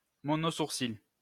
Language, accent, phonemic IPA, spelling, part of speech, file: French, France, /mɔ.no.suʁ.sil/, monosourcil, noun, LL-Q150 (fra)-monosourcil.wav
- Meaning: unibrow, monobrow